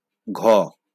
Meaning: The 15th character in the Bengali abugida
- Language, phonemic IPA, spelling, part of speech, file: Bengali, /ɡʱɔ/, ঘ, character, LL-Q9610 (ben)-ঘ.wav